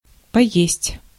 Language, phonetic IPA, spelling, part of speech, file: Russian, [pɐˈjesʲtʲ], поесть, verb, Ru-поесть.ogg
- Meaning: 1. to eat, to have a bite (of something to eat), to try (eat) 2. to devour